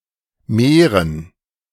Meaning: to increase
- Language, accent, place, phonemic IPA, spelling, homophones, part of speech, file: German, Germany, Berlin, /meːʁən/, mehren, Meeren, verb, De-mehren.ogg